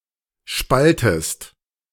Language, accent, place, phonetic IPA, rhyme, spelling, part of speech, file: German, Germany, Berlin, [ˈʃpaltəst], -altəst, spaltest, verb, De-spaltest.ogg
- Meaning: inflection of spalten: 1. second-person singular present 2. second-person singular subjunctive I